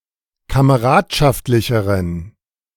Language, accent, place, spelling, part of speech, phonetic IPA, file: German, Germany, Berlin, kameradschaftlicheren, adjective, [kaməˈʁaːtʃaftlɪçəʁən], De-kameradschaftlicheren.ogg
- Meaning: inflection of kameradschaftlich: 1. strong genitive masculine/neuter singular comparative degree 2. weak/mixed genitive/dative all-gender singular comparative degree